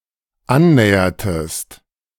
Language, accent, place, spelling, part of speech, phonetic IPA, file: German, Germany, Berlin, annähertest, verb, [ˈanˌnɛːɐtəst], De-annähertest.ogg
- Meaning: inflection of annähern: 1. second-person singular dependent preterite 2. second-person singular dependent subjunctive II